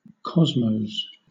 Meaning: plural of cosmo
- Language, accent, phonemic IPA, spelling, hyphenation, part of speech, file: English, Southern England, /ˈkɒzməʊz/, cosmos, cos‧mos, noun, LL-Q1860 (eng)-cosmos.wav